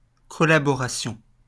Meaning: collaboration
- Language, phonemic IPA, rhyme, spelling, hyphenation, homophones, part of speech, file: French, /kɔ.la.bɔ.ʁa.sjɔ̃/, -sjɔ̃, collaboration, co‧lla‧bo‧ra‧tion, collaborations, noun, LL-Q150 (fra)-collaboration.wav